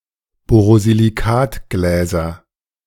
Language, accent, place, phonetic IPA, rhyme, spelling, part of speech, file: German, Germany, Berlin, [ˌboːʁoziliˈkaːtɡlɛːzɐ], -aːtɡlɛːzɐ, Borosilikatgläser, noun, De-Borosilikatgläser.ogg
- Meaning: nominative/accusative/genitive plural of Borosilikatglas